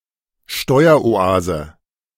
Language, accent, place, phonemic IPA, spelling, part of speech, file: German, Germany, Berlin, /ˈʃtɔʏ̯.ɐ.(ʔ)oˈ(ʔ)aː.zə/, Steueroase, noun, De-Steueroase.ogg
- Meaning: tax haven